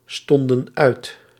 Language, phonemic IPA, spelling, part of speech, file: Dutch, /ˈstɔndə(n) ˈœyt/, stonden uit, verb, Nl-stonden uit.ogg
- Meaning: inflection of uitstaan: 1. plural past indicative 2. plural past subjunctive